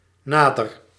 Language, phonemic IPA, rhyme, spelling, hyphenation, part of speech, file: Dutch, /ˈnaː.dər/, -aːdər, nader, na‧der, adjective / adverb / verb, Nl-nader.ogg
- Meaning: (adjective) 1. closer, more nearby 2. more precise; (adverb) 1. closer, near 2. more precisely; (verb) inflection of naderen: first-person singular present indicative